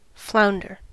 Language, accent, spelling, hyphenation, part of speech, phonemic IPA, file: English, US, flounder, floun‧der, noun / verb, /ˈflaʊ̯ndɚ/, En-us-flounder.ogg
- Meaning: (noun) A European species of flatfish having dull brown colouring with reddish-brown blotches; fluke, European flounder (Platichthys flesus)